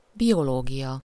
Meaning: biology
- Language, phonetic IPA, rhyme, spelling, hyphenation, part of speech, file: Hungarian, [ˈbijoloːɡijɒ], -jɒ, biológia, bi‧o‧ló‧gia, noun, Hu-biológia.ogg